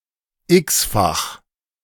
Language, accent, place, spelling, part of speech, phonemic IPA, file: German, Germany, Berlin, x-fach, adjective, /ɪksfaχ/, De-x-fach.ogg
- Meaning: n-tuple